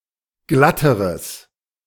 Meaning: strong/mixed nominative/accusative neuter singular comparative degree of glatt
- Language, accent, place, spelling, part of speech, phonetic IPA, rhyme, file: German, Germany, Berlin, glatteres, adjective, [ˈɡlatəʁəs], -atəʁəs, De-glatteres.ogg